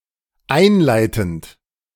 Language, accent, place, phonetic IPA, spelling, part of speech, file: German, Germany, Berlin, [ˈaɪ̯nˌlaɪ̯tn̩t], einleitend, verb, De-einleitend.ogg
- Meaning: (verb) present participle of einleiten; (adjective) 1. introductory, opening 2. preliminary